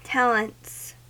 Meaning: plural of talent
- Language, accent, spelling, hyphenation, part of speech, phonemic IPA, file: English, US, talents, tal‧ents, noun, /ˈtælənts/, En-us-talents.ogg